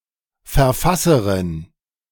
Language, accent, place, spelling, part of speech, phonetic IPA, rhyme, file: German, Germany, Berlin, Verfasserin, noun, [fɛɐ̯ˈfasəʁɪn], -asəʁɪn, De-Verfasserin.ogg
- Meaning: female equivalent of Verfasser (“author”)